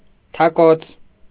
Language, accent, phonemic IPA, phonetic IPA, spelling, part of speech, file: Armenian, Eastern Armenian, /tʰɑˈkot͡sʰ/, [tʰɑkót͡sʰ], թակոց, noun, Hy-թակոց.ogg
- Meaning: 1. knock, tap, rap 2. beating, battery 3. rattle, clapper, mallet